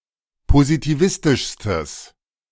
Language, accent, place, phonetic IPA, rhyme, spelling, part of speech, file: German, Germany, Berlin, [pozitiˈvɪstɪʃstəs], -ɪstɪʃstəs, positivistischstes, adjective, De-positivistischstes.ogg
- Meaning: strong/mixed nominative/accusative neuter singular superlative degree of positivistisch